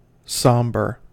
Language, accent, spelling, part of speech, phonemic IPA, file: English, US, somber, adjective / verb, /ˈsɑmbɚ/, En-us-somber.ogg
- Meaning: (adjective) US standard spelling of sombre